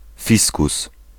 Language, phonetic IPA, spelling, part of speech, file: Polish, [ˈfʲiskus], fiskus, noun, Pl-fiskus.ogg